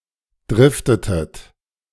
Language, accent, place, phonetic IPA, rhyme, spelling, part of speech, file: German, Germany, Berlin, [ˈdʁɪftətət], -ɪftətət, driftetet, verb, De-driftetet.ogg
- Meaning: inflection of driften: 1. second-person plural preterite 2. second-person plural subjunctive II